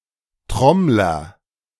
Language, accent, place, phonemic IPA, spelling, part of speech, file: German, Germany, Berlin, /ˈtʁɔmlɐ/, Trommler, noun, De-Trommler.ogg
- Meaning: drummer, one who plays the drums